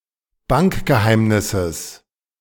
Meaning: genitive singular of Bankgeheimnis
- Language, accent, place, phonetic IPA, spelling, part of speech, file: German, Germany, Berlin, [ˈbankɡəˌhaɪ̯mnɪsəs], Bankgeheimnisses, noun, De-Bankgeheimnisses.ogg